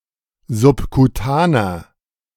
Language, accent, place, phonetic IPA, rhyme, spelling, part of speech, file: German, Germany, Berlin, [zʊpkuˈtaːnɐ], -aːnɐ, subkutaner, adjective, De-subkutaner.ogg
- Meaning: inflection of subkutan: 1. strong/mixed nominative masculine singular 2. strong genitive/dative feminine singular 3. strong genitive plural